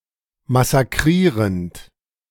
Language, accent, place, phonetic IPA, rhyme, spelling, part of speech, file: German, Germany, Berlin, [masaˈkʁiːʁənt], -iːʁənt, massakrierend, verb, De-massakrierend.ogg
- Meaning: present participle of massakrieren